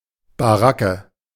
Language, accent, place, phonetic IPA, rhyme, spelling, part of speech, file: German, Germany, Berlin, [baˈʁakə], -akə, Baracke, noun, De-Baracke.ogg
- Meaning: shack, barrack